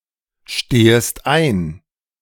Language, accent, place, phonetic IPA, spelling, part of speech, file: German, Germany, Berlin, [ˌʃteːəst ˈaɪ̯n], stehest ein, verb, De-stehest ein.ogg
- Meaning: second-person singular subjunctive I of einstehen